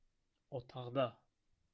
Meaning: singular locative of otaq
- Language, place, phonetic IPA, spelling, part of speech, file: Azerbaijani, Baku, [otɑɣˈdɑ], otaqda, noun, Az-az-otaqda.ogg